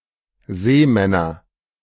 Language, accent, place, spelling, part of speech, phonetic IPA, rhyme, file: German, Germany, Berlin, Seemänner, noun, [ˈzeːˌmɛnɐ], -eːmɛnɐ, De-Seemänner.ogg
- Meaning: nominative/accusative/genitive plural of Seemann